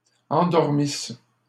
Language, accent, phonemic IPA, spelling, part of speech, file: French, Canada, /ɑ̃.dɔʁ.mis/, endormissent, verb, LL-Q150 (fra)-endormissent.wav
- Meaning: third-person plural imperfect subjunctive of endormir